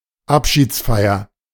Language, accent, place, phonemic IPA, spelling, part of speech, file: German, Germany, Berlin, /ˈapʃiːt͡sˌfaɪ̯ɐ/, Abschiedsfeier, noun, De-Abschiedsfeier.ogg
- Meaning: sendoff, farewell party, going-away party